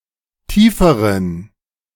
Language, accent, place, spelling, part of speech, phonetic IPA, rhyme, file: German, Germany, Berlin, tieferen, adjective, [ˈtiːfəʁən], -iːfəʁən, De-tieferen.ogg
- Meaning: inflection of tief: 1. strong genitive masculine/neuter singular comparative degree 2. weak/mixed genitive/dative all-gender singular comparative degree